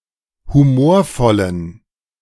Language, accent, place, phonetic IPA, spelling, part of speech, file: German, Germany, Berlin, [huˈmoːɐ̯ˌfɔlən], humorvollen, adjective, De-humorvollen.ogg
- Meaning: inflection of humorvoll: 1. strong genitive masculine/neuter singular 2. weak/mixed genitive/dative all-gender singular 3. strong/weak/mixed accusative masculine singular 4. strong dative plural